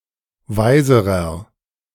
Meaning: inflection of weise: 1. strong/mixed nominative masculine singular comparative degree 2. strong genitive/dative feminine singular comparative degree 3. strong genitive plural comparative degree
- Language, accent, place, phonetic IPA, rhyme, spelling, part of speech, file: German, Germany, Berlin, [ˈvaɪ̯zəʁɐ], -aɪ̯zəʁɐ, weiserer, adjective, De-weiserer.ogg